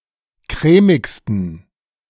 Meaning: 1. superlative degree of crèmig 2. inflection of crèmig: strong genitive masculine/neuter singular superlative degree
- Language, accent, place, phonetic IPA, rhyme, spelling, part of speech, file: German, Germany, Berlin, [ˈkʁɛːmɪkstn̩], -ɛːmɪkstn̩, crèmigsten, adjective, De-crèmigsten.ogg